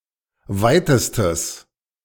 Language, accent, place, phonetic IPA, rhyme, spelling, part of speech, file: German, Germany, Berlin, [ˈvaɪ̯təstəs], -aɪ̯təstəs, weitestes, adjective, De-weitestes.ogg
- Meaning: strong/mixed nominative/accusative neuter singular superlative degree of weit